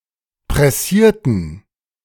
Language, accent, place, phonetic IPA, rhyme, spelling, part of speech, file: German, Germany, Berlin, [pʁɛˈsiːɐ̯tn̩], -iːɐ̯tn̩, pressierten, verb, De-pressierten.ogg
- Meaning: inflection of pressieren: 1. first/third-person plural preterite 2. first/third-person plural subjunctive II